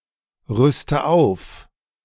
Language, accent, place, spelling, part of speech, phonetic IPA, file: German, Germany, Berlin, rüste auf, verb, [ˌʁʏstə ˈaʊ̯f], De-rüste auf.ogg
- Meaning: inflection of aufrüsten: 1. first-person singular present 2. first/third-person singular subjunctive I 3. singular imperative